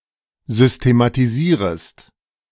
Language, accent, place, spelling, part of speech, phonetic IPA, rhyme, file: German, Germany, Berlin, systematisierest, verb, [ˌzʏstematiˈziːʁəst], -iːʁəst, De-systematisierest.ogg
- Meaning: second-person singular subjunctive I of systematisieren